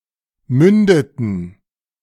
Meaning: inflection of münden: 1. first/third-person plural preterite 2. first/third-person plural subjunctive II
- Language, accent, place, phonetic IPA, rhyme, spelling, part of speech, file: German, Germany, Berlin, [ˈmʏndətn̩], -ʏndətn̩, mündeten, verb, De-mündeten.ogg